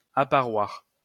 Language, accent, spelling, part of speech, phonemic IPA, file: French, France, apparoir, verb, /a.pa.ʁwaʁ/, LL-Q150 (fra)-apparoir.wav
- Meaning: 1. to appear 2. to be evident or manifest